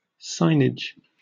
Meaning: 1. Signs, particularly those imparting commercial, directional, or road traffic information, taken collectively 2. A sign, a signboard
- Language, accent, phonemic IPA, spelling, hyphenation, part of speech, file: English, UK, /ˈsaɪnɪd͡ʒ/, signage, sign‧age, noun, En-uk-signage.oga